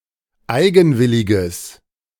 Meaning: strong/mixed nominative/accusative neuter singular of eigenwillig
- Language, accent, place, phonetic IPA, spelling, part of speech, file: German, Germany, Berlin, [ˈaɪ̯ɡn̩ˌvɪlɪɡəs], eigenwilliges, adjective, De-eigenwilliges.ogg